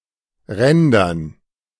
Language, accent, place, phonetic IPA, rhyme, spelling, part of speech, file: German, Germany, Berlin, [ˈʁɛndɐn], -ɛndɐn, Rändern, noun, De-Rändern.ogg
- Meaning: dative plural of Rand